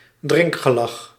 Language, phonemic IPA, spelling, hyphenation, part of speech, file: Dutch, /ˈdrɪŋk.xəˌlɑx/, drinkgelag, drink‧ge‧lag, noun, Nl-drinkgelag.ogg
- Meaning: a drinking party or drinking spree